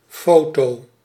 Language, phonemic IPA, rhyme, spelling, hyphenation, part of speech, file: Dutch, /ˈfoː.toː/, -oːtoː, foto, fo‧to, noun, Nl-foto.ogg
- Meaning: photo, photograph